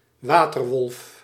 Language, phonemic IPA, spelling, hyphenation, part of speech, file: Dutch, /ˈʋaːtərˌʋɔlf/, waterwolf, wa‧ter‧wolf, noun / proper noun, Nl-waterwolf.ogg
- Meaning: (noun) 1. water (personification of water as the national enemy) 2. any body of water that is a threat to nearby land; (proper noun) the Haarlemmermeer